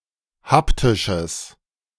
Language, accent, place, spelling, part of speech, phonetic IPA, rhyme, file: German, Germany, Berlin, haptisches, adjective, [ˈhaptɪʃəs], -aptɪʃəs, De-haptisches.ogg
- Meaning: strong/mixed nominative/accusative neuter singular of haptisch